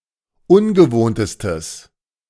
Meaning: strong/mixed nominative/accusative neuter singular superlative degree of ungewohnt
- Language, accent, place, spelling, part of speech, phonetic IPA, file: German, Germany, Berlin, ungewohntestes, adjective, [ˈʊnɡəˌvoːntəstəs], De-ungewohntestes.ogg